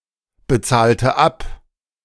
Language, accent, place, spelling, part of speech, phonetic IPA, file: German, Germany, Berlin, bezahlte ab, verb, [bəˌt͡saːltə ˈap], De-bezahlte ab.ogg
- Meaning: inflection of abbezahlen: 1. first/third-person singular preterite 2. first/third-person singular subjunctive II